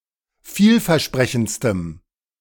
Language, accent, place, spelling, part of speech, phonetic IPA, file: German, Germany, Berlin, vielversprechendstem, adjective, [ˈfiːlfɛɐ̯ˌʃpʁɛçn̩t͡stəm], De-vielversprechendstem.ogg
- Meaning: strong dative masculine/neuter singular superlative degree of vielversprechend